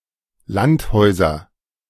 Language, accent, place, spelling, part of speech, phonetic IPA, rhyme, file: German, Germany, Berlin, Landhäuser, noun, [ˈlantˌhɔɪ̯zɐ], -anthɔɪ̯zɐ, De-Landhäuser.ogg
- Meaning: nominative/accusative/genitive plural of Landhaus